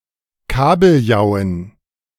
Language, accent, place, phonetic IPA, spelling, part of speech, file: German, Germany, Berlin, [ˈkaːbl̩ˌjaʊ̯ən], Kabeljauen, noun, De-Kabeljauen.ogg
- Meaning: dative plural of Kabeljau